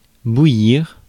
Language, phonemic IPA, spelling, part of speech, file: French, /bu.jiʁ/, bouillir, verb, Fr-bouillir.ogg
- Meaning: 1. to boil (becoming boiling; reach boiling point) 2. to boil (cause to boil) 3. to seethe